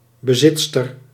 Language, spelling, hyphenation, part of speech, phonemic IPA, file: Dutch, bezitster, be‧zit‧ster, noun, /bəˈzɪt.stər/, Nl-bezitster.ogg
- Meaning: female owner